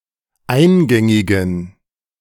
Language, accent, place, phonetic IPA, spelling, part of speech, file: German, Germany, Berlin, [ˈaɪ̯nˌɡɛŋɪɡn̩], eingängigen, adjective, De-eingängigen.ogg
- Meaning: inflection of eingängig: 1. strong genitive masculine/neuter singular 2. weak/mixed genitive/dative all-gender singular 3. strong/weak/mixed accusative masculine singular 4. strong dative plural